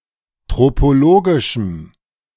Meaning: strong dative masculine/neuter singular of tropologisch
- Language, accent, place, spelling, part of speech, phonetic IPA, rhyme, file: German, Germany, Berlin, tropologischem, adjective, [ˌtʁopoˈloːɡɪʃm̩], -oːɡɪʃm̩, De-tropologischem.ogg